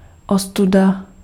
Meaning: disgrace (cause of shame or reproach)
- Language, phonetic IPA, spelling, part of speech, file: Czech, [ˈostuda], ostuda, noun, Cs-ostuda.ogg